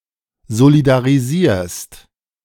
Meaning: second-person singular present of solidarisieren
- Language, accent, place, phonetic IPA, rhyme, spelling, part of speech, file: German, Germany, Berlin, [zolidaʁiˈziːɐ̯st], -iːɐ̯st, solidarisierst, verb, De-solidarisierst.ogg